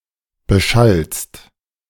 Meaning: second-person singular present of beschallen
- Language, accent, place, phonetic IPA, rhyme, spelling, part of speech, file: German, Germany, Berlin, [bəˈʃalst], -alst, beschallst, verb, De-beschallst.ogg